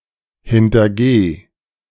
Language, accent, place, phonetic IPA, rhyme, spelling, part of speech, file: German, Germany, Berlin, [hɪntɐˈɡeː], -eː, hintergeh, verb, De-hintergeh.ogg
- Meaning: singular imperative of hintergehen